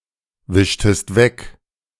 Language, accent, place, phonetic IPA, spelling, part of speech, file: German, Germany, Berlin, [ˌvɪʃtəst ˈvɛk], wischtest weg, verb, De-wischtest weg.ogg
- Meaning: inflection of wegwischen: 1. second-person singular preterite 2. second-person singular subjunctive II